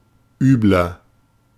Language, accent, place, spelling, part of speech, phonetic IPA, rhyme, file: German, Germany, Berlin, übler, adjective, [ˈyːblɐ], -yːblɐ, De-übler.ogg
- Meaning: 1. comparative degree of übel 2. inflection of übel: strong/mixed nominative masculine singular 3. inflection of übel: strong genitive/dative feminine singular